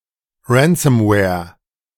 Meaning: ransomware
- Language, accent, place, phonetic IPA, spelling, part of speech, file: German, Germany, Berlin, [ˈɹɛnsəmwɛːɐ̯], Ransomware, noun, De-Ransomware.ogg